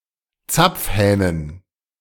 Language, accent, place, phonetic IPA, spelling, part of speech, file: German, Germany, Berlin, [ˈt͡sap͡fˌhɛːnən], Zapfhähnen, noun, De-Zapfhähnen.ogg
- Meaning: dative plural of Zapfhahn